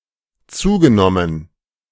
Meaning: past participle of zunehmen
- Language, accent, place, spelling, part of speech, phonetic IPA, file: German, Germany, Berlin, zugenommen, verb, [ˈt͡suːɡəˌnɔmən], De-zugenommen.ogg